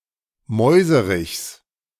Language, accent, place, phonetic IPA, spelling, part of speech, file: German, Germany, Berlin, [ˈmɔɪ̯zəʁɪçs], Mäuserichs, noun, De-Mäuserichs.ogg
- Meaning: genitive singular of Mäuserich